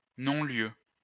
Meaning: 1. dismissal 2. nonplace
- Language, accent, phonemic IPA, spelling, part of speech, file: French, France, /nɔ̃.ljø/, non-lieu, noun, LL-Q150 (fra)-non-lieu.wav